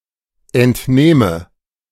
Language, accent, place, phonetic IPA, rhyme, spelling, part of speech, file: German, Germany, Berlin, [ɛntˈneːmə], -eːmə, entnehme, verb, De-entnehme.ogg
- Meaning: inflection of entnehmen: 1. first-person singular present 2. first/third-person singular subjunctive I